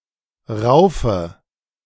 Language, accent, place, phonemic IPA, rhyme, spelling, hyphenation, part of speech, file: German, Germany, Berlin, /ˈʁaʊ̯fə/, -aʊ̯fə, Raufe, Rau‧fe, noun, De-Raufe.ogg
- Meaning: hayrack, fodder rack